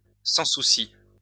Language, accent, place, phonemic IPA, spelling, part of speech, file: French, France, Lyon, /sɑ̃.su.si/, sans-souci, noun, LL-Q150 (fra)-sans-souci.wav
- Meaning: carefree person